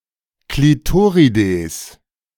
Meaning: plural of Klitoris
- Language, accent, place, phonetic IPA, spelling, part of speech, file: German, Germany, Berlin, [kliˈtoːʁideːs], Klitorides, noun, De-Klitorides.ogg